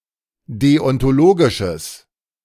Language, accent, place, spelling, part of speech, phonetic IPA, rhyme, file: German, Germany, Berlin, deontologisches, adjective, [ˌdeɔntoˈloːɡɪʃəs], -oːɡɪʃəs, De-deontologisches.ogg
- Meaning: strong/mixed nominative/accusative neuter singular of deontologisch